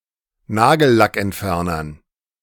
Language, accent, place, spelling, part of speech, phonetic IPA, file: German, Germany, Berlin, Nagellackentfernern, noun, [ˈnaːɡl̩lakʔɛntˌfɛʁnɐn], De-Nagellackentfernern.ogg
- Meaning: dative plural of Nagellackentferner